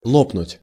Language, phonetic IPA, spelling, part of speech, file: Russian, [ˈɫopnʊtʲ], лопнуть, verb, Ru-лопнуть.ogg
- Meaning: 1. to pop, to burst (to break from internal pressure) 2. to crash, to go bankrupt (e.g. of a company, of an idea) 3. to be depleted (of patience) 4. to express one's opinion harshly